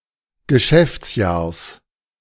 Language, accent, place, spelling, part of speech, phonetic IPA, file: German, Germany, Berlin, Geschäftsjahrs, noun, [ɡəˈʃɛft͡sˌjaːɐ̯s], De-Geschäftsjahrs.ogg
- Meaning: genitive singular of Geschäftsjahr